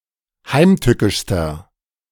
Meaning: inflection of heimtückisch: 1. strong/mixed nominative masculine singular superlative degree 2. strong genitive/dative feminine singular superlative degree 3. strong genitive plural superlative degree
- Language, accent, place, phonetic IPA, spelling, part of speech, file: German, Germany, Berlin, [ˈhaɪ̯mˌtʏkɪʃstɐ], heimtückischster, adjective, De-heimtückischster.ogg